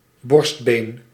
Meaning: breastbone, sternum
- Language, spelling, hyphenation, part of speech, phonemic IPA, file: Dutch, borstbeen, borst‧been, noun, /ˈbɔrst.beːn/, Nl-borstbeen.ogg